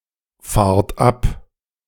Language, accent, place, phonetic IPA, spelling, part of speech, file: German, Germany, Berlin, [ˌfaːɐ̯t ˈap], fahrt ab, verb, De-fahrt ab.ogg
- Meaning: inflection of abfahren: 1. second-person plural present 2. plural imperative